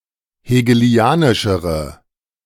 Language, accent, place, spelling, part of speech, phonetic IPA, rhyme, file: German, Germany, Berlin, hegelianischere, adjective, [heːɡəˈli̯aːnɪʃəʁə], -aːnɪʃəʁə, De-hegelianischere.ogg
- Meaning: inflection of hegelianisch: 1. strong/mixed nominative/accusative feminine singular comparative degree 2. strong nominative/accusative plural comparative degree